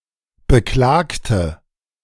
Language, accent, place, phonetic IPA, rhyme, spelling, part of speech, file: German, Germany, Berlin, [bəˈklaːktə], -aːktə, Beklagte, noun, De-Beklagte.ogg
- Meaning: 1. strong nominative plural of Beklagter 2. strong accusative plural of Beklagter 3. weak nominative singular of Beklagter 4. feminine of Beklagter